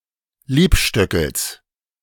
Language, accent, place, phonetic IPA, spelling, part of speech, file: German, Germany, Berlin, [ˈliːpˌʃtœkl̩s], Liebstöckels, noun, De-Liebstöckels.ogg
- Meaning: genitive singular of Liebstöckel